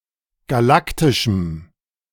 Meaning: strong dative masculine/neuter singular of galaktisch
- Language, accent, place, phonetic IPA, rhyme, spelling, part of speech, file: German, Germany, Berlin, [ɡaˈlaktɪʃm̩], -aktɪʃm̩, galaktischem, adjective, De-galaktischem.ogg